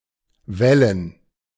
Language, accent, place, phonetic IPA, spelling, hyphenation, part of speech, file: German, Germany, Berlin, [ˈvɛlən], Wellen, Wel‧len, noun, De-Wellen.ogg
- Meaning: 1. plural of Welle 2. gerund of wellen